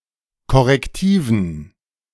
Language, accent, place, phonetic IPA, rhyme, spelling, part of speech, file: German, Germany, Berlin, [kɔʁɛkˈtiːvn̩], -iːvn̩, korrektiven, adjective, De-korrektiven.ogg
- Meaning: inflection of korrektiv: 1. strong genitive masculine/neuter singular 2. weak/mixed genitive/dative all-gender singular 3. strong/weak/mixed accusative masculine singular 4. strong dative plural